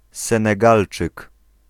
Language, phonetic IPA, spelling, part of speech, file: Polish, [ˌsɛ̃nɛˈɡalt͡ʃɨk], Senegalczyk, noun, Pl-Senegalczyk.ogg